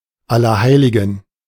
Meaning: All Saints' Day; Hallowmas (1 November; generally a public holiday in Catholic parts of German-speaking Europe)
- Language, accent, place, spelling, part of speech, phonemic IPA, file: German, Germany, Berlin, Allerheiligen, noun, /ˌalɐˈhaɪ̯lɪɡən/, De-Allerheiligen.ogg